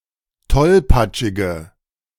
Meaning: inflection of tollpatschig: 1. strong/mixed nominative/accusative feminine singular 2. strong nominative/accusative plural 3. weak nominative all-gender singular
- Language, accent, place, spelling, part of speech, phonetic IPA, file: German, Germany, Berlin, tollpatschige, adjective, [ˈtɔlpat͡ʃɪɡə], De-tollpatschige.ogg